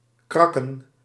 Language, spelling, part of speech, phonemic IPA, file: Dutch, krakken, verb / noun, /ˈkrɑkə(n)/, Nl-krakken.ogg
- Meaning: plural of krak